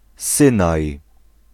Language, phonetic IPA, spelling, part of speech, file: Polish, [ˈsɨ̃naj], Synaj, proper noun, Pl-Synaj.ogg